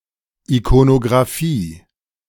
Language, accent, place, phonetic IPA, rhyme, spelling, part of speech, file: German, Germany, Berlin, [ikonoɡʁaˈfiː], -iː, Ikonografie, noun, De-Ikonografie.ogg
- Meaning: iconography